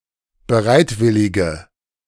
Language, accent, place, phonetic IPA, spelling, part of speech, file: German, Germany, Berlin, [bəˈʁaɪ̯tˌvɪlɪɡə], bereitwillige, adjective, De-bereitwillige.ogg
- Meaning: inflection of bereitwillig: 1. strong/mixed nominative/accusative feminine singular 2. strong nominative/accusative plural 3. weak nominative all-gender singular